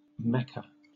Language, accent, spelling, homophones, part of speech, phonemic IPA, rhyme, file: English, Southern England, Mecca, mecha, proper noun / noun, /ˈmɛkə/, -ɛkə, LL-Q1860 (eng)-Mecca.wav
- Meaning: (proper noun) A province of Saudi Arabia